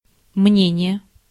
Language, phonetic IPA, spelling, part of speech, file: Russian, [ˈmnʲenʲɪje], мнение, noun, Ru-мнение.ogg
- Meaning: 1. opinion (person's) 2. opinion (official statement)